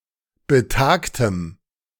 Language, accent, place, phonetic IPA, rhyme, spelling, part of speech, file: German, Germany, Berlin, [bəˈtaːktəm], -aːktəm, betagtem, adjective, De-betagtem.ogg
- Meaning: strong dative masculine/neuter singular of betagt